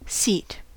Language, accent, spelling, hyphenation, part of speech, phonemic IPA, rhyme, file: English, US, seat, seat, noun / verb, /siːt/, -iːt, En-us-seat.ogg
- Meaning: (noun) 1. Something to be sat upon 2. Something to be sat upon.: A place in which to sit 3. Something to be sat upon.: The horizontal portion of a chair or other furniture designed for sitting